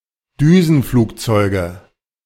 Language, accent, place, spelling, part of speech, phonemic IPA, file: German, Germany, Berlin, Düsenflugzeuge, noun, /ˈdyːzn̩ˌfluːkˌtsɔɪ̯ɡə/, De-Düsenflugzeuge.ogg
- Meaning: nominative/accusative/genitive plural of Düsenflugzeug